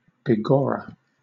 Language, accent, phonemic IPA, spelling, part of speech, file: English, Southern England, /biˈɡɒɹə/, begorra, interjection, LL-Q1860 (eng)-begorra.wav
- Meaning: Alternative form of by God